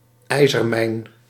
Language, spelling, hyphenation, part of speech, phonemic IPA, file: Dutch, ijzermijn, ij‧zer‧mijn, noun, /ˈɛi̯.zərˌmɛi̯n/, Nl-ijzermijn.ogg
- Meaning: iron mine